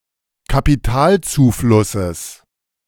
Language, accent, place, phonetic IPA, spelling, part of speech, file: German, Germany, Berlin, [kapiˈtaːlt͡suːˌflʊsəs], Kapitalzuflusses, noun, De-Kapitalzuflusses.ogg
- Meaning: genitive singular of Kapitalzufluss